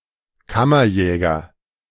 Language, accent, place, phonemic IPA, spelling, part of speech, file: German, Germany, Berlin, /ˈkamɐˌjɛːɡɐ/, Kammerjäger, noun, De-Kammerjäger.ogg
- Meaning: 1. exterminator; someone practicing pest control in buildings (male or of unspecified gender) 2. personal huntsman of a prince